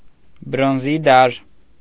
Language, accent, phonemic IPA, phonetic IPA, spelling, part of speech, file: Armenian, Eastern Armenian, /bɾonˈzi dɑɾ/, [bɾonzí dɑɾ], բրոնզի դար, noun, Hy-բրոնզի դար.ogg
- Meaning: Bronze Age